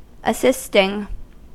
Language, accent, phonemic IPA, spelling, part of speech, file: English, US, /əˈsɪstɪŋ/, assisting, verb / noun / adjective, En-us-assisting.ogg
- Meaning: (verb) present participle and gerund of assist; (noun) assistance; help given; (adjective) Helpful; auxiliary (to)